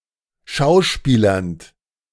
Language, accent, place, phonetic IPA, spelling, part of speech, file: German, Germany, Berlin, [ˈʃaʊ̯ˌʃpiːlɐnt], schauspielernd, verb, De-schauspielernd.ogg
- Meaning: present participle of schauspielern